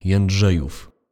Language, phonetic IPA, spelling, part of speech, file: Polish, [jɛ̃nˈḍʒɛjuf], Jędrzejów, proper noun / noun, Pl-Jędrzejów.ogg